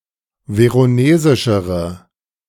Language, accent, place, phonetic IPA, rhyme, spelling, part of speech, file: German, Germany, Berlin, [ˌveʁoˈneːzɪʃəʁə], -eːzɪʃəʁə, veronesischere, adjective, De-veronesischere.ogg
- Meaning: inflection of veronesisch: 1. strong/mixed nominative/accusative feminine singular comparative degree 2. strong nominative/accusative plural comparative degree